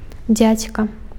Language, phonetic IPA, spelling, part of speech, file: Belarusian, [ˈd͡zʲat͡sʲka], дзядзька, noun, Be-дзядзька.ogg
- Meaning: 1. uncle 2. man, guy